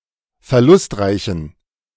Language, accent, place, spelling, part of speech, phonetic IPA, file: German, Germany, Berlin, verlustreichen, adjective, [fɛɐ̯ˈlʊstˌʁaɪ̯çn̩], De-verlustreichen.ogg
- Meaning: inflection of verlustreich: 1. strong genitive masculine/neuter singular 2. weak/mixed genitive/dative all-gender singular 3. strong/weak/mixed accusative masculine singular 4. strong dative plural